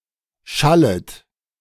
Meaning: second-person plural subjunctive I of schallen
- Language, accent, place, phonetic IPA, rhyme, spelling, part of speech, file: German, Germany, Berlin, [ˈʃalət], -alət, schallet, verb, De-schallet.ogg